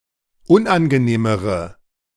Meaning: inflection of unangenehm: 1. strong/mixed nominative/accusative feminine singular comparative degree 2. strong nominative/accusative plural comparative degree
- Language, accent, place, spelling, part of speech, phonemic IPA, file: German, Germany, Berlin, unangenehmere, adjective, /ˈʊnʔanɡəˌneːməʁə/, De-unangenehmere.ogg